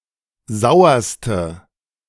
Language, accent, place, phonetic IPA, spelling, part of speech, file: German, Germany, Berlin, [ˈzaʊ̯ɐstə], sauerste, adjective, De-sauerste.ogg
- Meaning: inflection of sauer: 1. strong/mixed nominative/accusative feminine singular superlative degree 2. strong nominative/accusative plural superlative degree